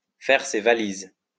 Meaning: to pack one's bags, to up sticks, to depart
- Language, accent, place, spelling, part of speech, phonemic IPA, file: French, France, Lyon, faire ses valises, verb, /fɛʁ se va.liz/, LL-Q150 (fra)-faire ses valises.wav